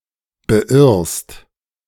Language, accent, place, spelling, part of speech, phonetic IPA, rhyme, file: German, Germany, Berlin, beirrst, verb, [bəˈʔɪʁst], -ɪʁst, De-beirrst.ogg
- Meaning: second-person singular present of beirren